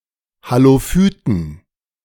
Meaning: inflection of Halophyt: 1. genitive/dative/accusative singular 2. nominative/genitive/dative/accusative plural
- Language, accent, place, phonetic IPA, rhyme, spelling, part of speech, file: German, Germany, Berlin, [haloˈfyːtn̩], -yːtn̩, Halophyten, noun, De-Halophyten.ogg